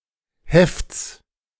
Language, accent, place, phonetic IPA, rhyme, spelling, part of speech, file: German, Germany, Berlin, [hɛft͡s], -ɛft͡s, Hefts, noun, De-Hefts.ogg
- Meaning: genitive singular of Heft